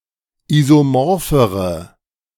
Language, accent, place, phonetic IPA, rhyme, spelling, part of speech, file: German, Germany, Berlin, [ˌizoˈmɔʁfəʁə], -ɔʁfəʁə, isomorphere, adjective, De-isomorphere.ogg
- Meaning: inflection of isomorph: 1. strong/mixed nominative/accusative feminine singular comparative degree 2. strong nominative/accusative plural comparative degree